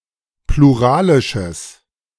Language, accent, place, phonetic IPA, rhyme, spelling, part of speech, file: German, Germany, Berlin, [pluˈʁaːlɪʃəs], -aːlɪʃəs, pluralisches, adjective, De-pluralisches.ogg
- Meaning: strong/mixed nominative/accusative neuter singular of pluralisch